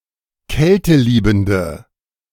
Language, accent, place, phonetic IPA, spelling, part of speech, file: German, Germany, Berlin, [ˈkɛltəˌliːbm̩də], kälteliebende, adjective, De-kälteliebende.ogg
- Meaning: inflection of kälteliebend: 1. strong/mixed nominative/accusative feminine singular 2. strong nominative/accusative plural 3. weak nominative all-gender singular